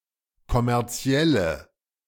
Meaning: inflection of kommerziell: 1. strong/mixed nominative/accusative feminine singular 2. strong nominative/accusative plural 3. weak nominative all-gender singular
- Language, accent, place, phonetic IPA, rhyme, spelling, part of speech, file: German, Germany, Berlin, [kɔmɛʁˈt͡si̯ɛlə], -ɛlə, kommerzielle, adjective, De-kommerzielle.ogg